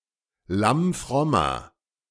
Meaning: inflection of lammfromm: 1. strong/mixed nominative masculine singular 2. strong genitive/dative feminine singular 3. strong genitive plural
- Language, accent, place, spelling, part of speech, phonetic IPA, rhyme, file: German, Germany, Berlin, lammfrommer, adjective, [ˌlamˈfʁɔmɐ], -ɔmɐ, De-lammfrommer.ogg